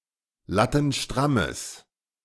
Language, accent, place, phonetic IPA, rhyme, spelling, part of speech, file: German, Germany, Berlin, [ˌlatn̩ˈʃtʁaməs], -aməs, lattenstrammes, adjective, De-lattenstrammes.ogg
- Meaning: strong/mixed nominative/accusative neuter singular of lattenstramm